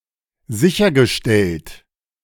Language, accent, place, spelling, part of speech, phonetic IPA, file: German, Germany, Berlin, sichergestellt, adjective / verb, [ˈzɪçɐɡəˌʃtɛlt], De-sichergestellt.ogg
- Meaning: past participle of sicherstellen